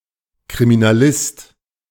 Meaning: criminal detective
- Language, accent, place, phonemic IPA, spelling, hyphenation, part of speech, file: German, Germany, Berlin, /kʁiminaˈlɪst/, Kriminalist, Kri‧mi‧na‧list, noun, De-Kriminalist.ogg